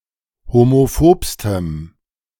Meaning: strong dative masculine/neuter singular superlative degree of homophob
- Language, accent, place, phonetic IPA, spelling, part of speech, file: German, Germany, Berlin, [homoˈfoːpstəm], homophobstem, adjective, De-homophobstem.ogg